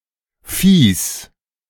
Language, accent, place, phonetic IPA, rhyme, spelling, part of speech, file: German, Germany, Berlin, [fiːs], -iːs, Phis, noun, De-Phis.ogg
- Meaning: plural of Phi